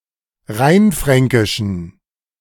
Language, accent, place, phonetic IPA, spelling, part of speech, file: German, Germany, Berlin, [ˈʁaɪ̯nˌfʁɛŋkɪʃn̩], rheinfränkischen, adjective, De-rheinfränkischen.ogg
- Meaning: inflection of rheinfränkisch: 1. strong genitive masculine/neuter singular 2. weak/mixed genitive/dative all-gender singular 3. strong/weak/mixed accusative masculine singular 4. strong dative plural